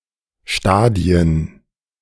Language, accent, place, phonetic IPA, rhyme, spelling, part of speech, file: German, Germany, Berlin, [ˈʃtaːdi̯ən], -aːdi̯ən, Stadien, noun, De-Stadien2.ogg
- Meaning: 1. plural of Stadion 2. plural of Stadium